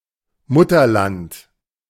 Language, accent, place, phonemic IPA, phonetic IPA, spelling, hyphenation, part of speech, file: German, Germany, Berlin, /ˈmʊtərˌlant/, [ˈmʊ.tɐˌlant], Mutterland, Mut‧ter‧land, noun, De-Mutterland.ogg
- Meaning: motherland: 1. mainland as opposed to a colony 2. country where something originated, where someone’s ancestors came from 3. homeland, one’s own country